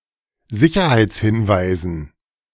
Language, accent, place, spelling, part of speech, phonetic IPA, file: German, Germany, Berlin, Sicherheitshinweisen, noun, [ˈzɪçɐhaɪ̯t͡sˌhɪnvaɪ̯zn̩], De-Sicherheitshinweisen.ogg
- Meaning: dative plural of Sicherheitshinweis